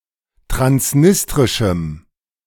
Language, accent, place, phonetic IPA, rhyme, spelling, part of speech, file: German, Germany, Berlin, [tʁansˈnɪstʁɪʃm̩], -ɪstʁɪʃm̩, transnistrischem, adjective, De-transnistrischem.ogg
- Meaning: strong dative masculine/neuter singular of transnistrisch